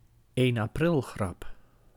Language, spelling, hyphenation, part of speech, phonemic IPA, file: Dutch, 1 aprilgrap, 1 april‧grap, noun, /eːn aːˈprɪlˌɣrɑp/, Nl-1 aprilgrap.ogg
- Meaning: April fool, a joke played on April Fools' Day